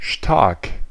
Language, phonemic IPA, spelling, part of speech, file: German, /ʃtark/, stark, adjective, De-stark.ogg
- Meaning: 1. strong (intense, powerful, unyielding) 2. strong (having a high concentration of some ingredient, e.g. alcohol) 3. good, great, skilled 4. brilliant, awesome 5. incredible, unbelievable